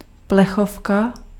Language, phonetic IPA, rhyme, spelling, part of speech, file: Czech, [ˈplɛxofka], -ofka, plechovka, noun, Cs-plechovka.ogg
- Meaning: tin can (container)